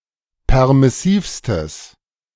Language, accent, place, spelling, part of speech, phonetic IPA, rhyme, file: German, Germany, Berlin, permissivstes, adjective, [ˌpɛʁmɪˈsiːfstəs], -iːfstəs, De-permissivstes.ogg
- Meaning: strong/mixed nominative/accusative neuter singular superlative degree of permissiv